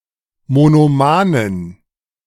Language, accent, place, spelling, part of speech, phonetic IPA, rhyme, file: German, Germany, Berlin, monomanen, adjective, [monoˈmaːnən], -aːnən, De-monomanen.ogg
- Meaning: inflection of monoman: 1. strong genitive masculine/neuter singular 2. weak/mixed genitive/dative all-gender singular 3. strong/weak/mixed accusative masculine singular 4. strong dative plural